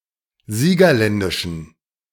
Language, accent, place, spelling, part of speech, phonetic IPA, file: German, Germany, Berlin, siegerländischen, adjective, [ˈziːɡɐˌlɛndɪʃn̩], De-siegerländischen.ogg
- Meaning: inflection of siegerländisch: 1. strong genitive masculine/neuter singular 2. weak/mixed genitive/dative all-gender singular 3. strong/weak/mixed accusative masculine singular 4. strong dative plural